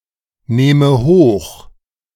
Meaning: inflection of hochnehmen: 1. first-person singular present 2. first/third-person singular subjunctive I
- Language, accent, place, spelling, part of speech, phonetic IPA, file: German, Germany, Berlin, nehme hoch, verb, [ˌneːmə ˈhoːx], De-nehme hoch.ogg